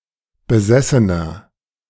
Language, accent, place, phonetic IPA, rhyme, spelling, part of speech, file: German, Germany, Berlin, [bəˈzɛsənɐ], -ɛsənɐ, besessener, adjective, De-besessener.ogg
- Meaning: 1. comparative degree of besessen 2. inflection of besessen: strong/mixed nominative masculine singular 3. inflection of besessen: strong genitive/dative feminine singular